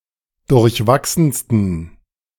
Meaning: 1. superlative degree of durchwachsen 2. inflection of durchwachsen: strong genitive masculine/neuter singular superlative degree
- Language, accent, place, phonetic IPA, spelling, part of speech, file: German, Germany, Berlin, [dʊʁçˈvaksn̩stən], durchwachsensten, adjective, De-durchwachsensten.ogg